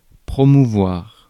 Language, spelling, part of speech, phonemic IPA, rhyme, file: French, promouvoir, verb, /pʁɔ.mu.vwaʁ/, -aʁ, Fr-promouvoir.ogg
- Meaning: 1. to promote (advertise a product) 2. to promote (encourage)